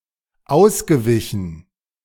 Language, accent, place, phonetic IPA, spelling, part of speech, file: German, Germany, Berlin, [ˈaʊ̯sɡəˌvɪçn̩], ausgewichen, verb, De-ausgewichen.ogg
- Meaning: past participle of ausweichen